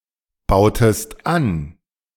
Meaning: inflection of anbauen: 1. second-person singular preterite 2. second-person singular subjunctive II
- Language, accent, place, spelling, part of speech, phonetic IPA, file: German, Germany, Berlin, bautest an, verb, [ˌbaʊ̯təst ˈan], De-bautest an.ogg